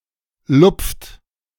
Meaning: inflection of lupfen: 1. second-person plural present 2. third-person singular present 3. plural imperative
- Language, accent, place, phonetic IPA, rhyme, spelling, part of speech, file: German, Germany, Berlin, [lʊp͡ft], -ʊp͡ft, lupft, verb, De-lupft.ogg